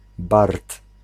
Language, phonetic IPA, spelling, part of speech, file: Polish, [bart], bard, noun, Pl-bard.ogg